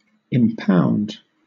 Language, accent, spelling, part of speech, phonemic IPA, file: English, Southern England, impound, verb / noun, /ɪmˈpaʊ̯nd/, LL-Q1860 (eng)-impound.wav
- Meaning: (verb) 1. To shut up or place in an enclosure called a pound 2. To hold back 3. To hold in the custody of a court or its delegate